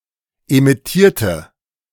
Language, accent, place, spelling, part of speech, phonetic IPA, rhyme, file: German, Germany, Berlin, emittierte, adjective / verb, [emɪˈtiːɐ̯tə], -iːɐ̯tə, De-emittierte.ogg
- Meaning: inflection of emittieren: 1. first/third-person singular preterite 2. first/third-person singular subjunctive II